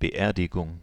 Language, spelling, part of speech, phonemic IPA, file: German, Beerdigung, noun, /bəˈʔeːɐ̯dɪɡʊŋ/, De-Beerdigung.ogg
- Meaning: 1. burial 2. funeral